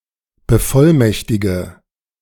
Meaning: inflection of bevollmächtigen: 1. first-person singular present 2. first/third-person singular subjunctive I 3. singular imperative
- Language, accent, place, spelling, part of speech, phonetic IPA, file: German, Germany, Berlin, bevollmächtige, verb, [bəˈfɔlˌmɛçtɪɡə], De-bevollmächtige.ogg